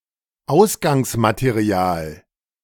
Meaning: 1. staple (basic material) 2. feedstock (industrial source material)
- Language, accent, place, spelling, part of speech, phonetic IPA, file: German, Germany, Berlin, Ausgangsmaterial, noun, [ˈaʊ̯sɡaŋsmateˌʁi̯aːl], De-Ausgangsmaterial.ogg